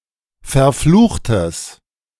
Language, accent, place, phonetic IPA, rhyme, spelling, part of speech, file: German, Germany, Berlin, [fɛɐ̯ˈfluːxtəs], -uːxtəs, verfluchtes, adjective, De-verfluchtes.ogg
- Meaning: strong/mixed nominative/accusative neuter singular of verflucht